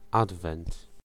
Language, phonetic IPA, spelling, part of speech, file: Polish, [ˈadvɛ̃nt], adwent, noun, Pl-adwent.ogg